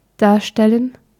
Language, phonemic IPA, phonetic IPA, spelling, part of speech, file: German, /ˈdaːʁˌʃtɛlən/, [ˈdaːɐ̯ˌʃtɛln], darstellen, verb, De-darstellen.ogg
- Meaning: 1. to depict; represent 2. to personate 3. to pose 4. to show